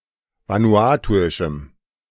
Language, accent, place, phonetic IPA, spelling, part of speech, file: German, Germany, Berlin, [ˌvanuˈaːtuɪʃm̩], vanuatuischem, adjective, De-vanuatuischem.ogg
- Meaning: strong dative masculine/neuter singular of vanuatuisch